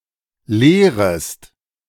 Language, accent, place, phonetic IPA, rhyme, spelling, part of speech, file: German, Germany, Berlin, [ˈleːʁəst], -eːʁəst, lehrest, verb, De-lehrest.ogg
- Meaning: second-person singular subjunctive I of lehren